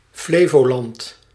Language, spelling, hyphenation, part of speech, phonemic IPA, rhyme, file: Dutch, Flevoland, Fle‧vo‧land, proper noun, /ˈfleː.voːˌlɑnt/, -eːvoːlɑnt, Nl-Flevoland.ogg
- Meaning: Flevoland (a province of the Netherlands)